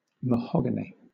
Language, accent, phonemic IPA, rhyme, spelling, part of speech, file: English, Southern England, /məˈhɒɡəni/, -ɒɡəni, mahogany, noun / adjective, LL-Q1860 (eng)-mahogany.wav
- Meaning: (noun) 1. The valuable wood of any of various tropical American evergreen trees, of the genus Swietenia, mostly used to make furniture 2. Any of the trees from which such wood comes